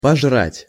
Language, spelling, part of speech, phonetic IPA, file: Russian, пожрать, verb, [pɐʐˈratʲ], Ru-пожрать.ogg
- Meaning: 1. to devour 2. to eat, to grab